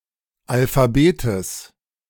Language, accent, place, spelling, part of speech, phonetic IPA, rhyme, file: German, Germany, Berlin, Alphabetes, noun, [alfaˈbeːtəs], -eːtəs, De-Alphabetes.ogg
- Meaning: genitive singular of Alphabet